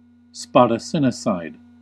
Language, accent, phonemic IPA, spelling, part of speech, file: English, US, /ˌspɑd.əˈsɪ.nɪ.seɪd/, spadassinicide, noun, En-us-spadassinicide.ogg
- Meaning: The act of coaxing someone, usually through insult, into initiating a swordsman's duel, and subsequently killing that person with superior skill so as to commit legal murder